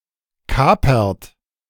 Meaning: inflection of kapern: 1. third-person singular present 2. second-person plural present 3. plural imperative
- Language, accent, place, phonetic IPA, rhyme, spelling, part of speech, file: German, Germany, Berlin, [ˈkaːpɐt], -aːpɐt, kapert, verb, De-kapert.ogg